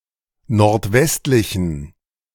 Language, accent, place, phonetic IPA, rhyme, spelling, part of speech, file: German, Germany, Berlin, [nɔʁtˈvɛstlɪçn̩], -ɛstlɪçn̩, nordwestlichen, adjective, De-nordwestlichen.ogg
- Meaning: inflection of nordwestlich: 1. strong genitive masculine/neuter singular 2. weak/mixed genitive/dative all-gender singular 3. strong/weak/mixed accusative masculine singular 4. strong dative plural